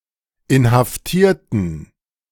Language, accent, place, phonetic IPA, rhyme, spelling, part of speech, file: German, Germany, Berlin, [ɪnhafˈtiːɐ̯tn̩], -iːɐ̯tn̩, inhaftierten, adjective / verb, De-inhaftierten.ogg
- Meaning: inflection of inhaftieren: 1. first/third-person plural preterite 2. first/third-person plural subjunctive II